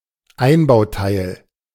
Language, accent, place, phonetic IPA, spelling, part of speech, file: German, Germany, Berlin, [ˈaɪ̯nbaʊ̯ˌtaɪ̯l], Einbauteil, noun, De-Einbauteil.ogg
- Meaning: fixture(s), fittings